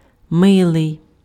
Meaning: 1. cute 2. nice 3. kind, likable
- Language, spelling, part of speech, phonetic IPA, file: Ukrainian, милий, adjective, [ˈmɪɫei̯], Uk-милий.ogg